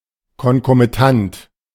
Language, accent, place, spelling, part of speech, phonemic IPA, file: German, Germany, Berlin, konkomitant, adjective, /ˌkɔnkomiˈtant/, De-konkomitant.ogg
- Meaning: concomitant